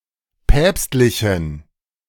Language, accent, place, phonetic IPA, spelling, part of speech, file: German, Germany, Berlin, [ˈpɛːpstlɪçn̩], päpstlichen, adjective, De-päpstlichen.ogg
- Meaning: inflection of päpstlich: 1. strong genitive masculine/neuter singular 2. weak/mixed genitive/dative all-gender singular 3. strong/weak/mixed accusative masculine singular 4. strong dative plural